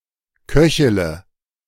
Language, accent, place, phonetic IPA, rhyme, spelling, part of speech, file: German, Germany, Berlin, [ˈkœçələ], -œçələ, köchele, verb, De-köchele.ogg
- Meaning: inflection of köcheln: 1. first-person singular present 2. first-person plural subjunctive I 3. third-person singular subjunctive I 4. singular imperative